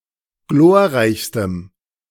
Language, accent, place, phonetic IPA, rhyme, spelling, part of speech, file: German, Germany, Berlin, [ˈɡloːɐ̯ˌʁaɪ̯çstəm], -oːɐ̯ʁaɪ̯çstəm, glorreichstem, adjective, De-glorreichstem.ogg
- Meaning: strong dative masculine/neuter singular superlative degree of glorreich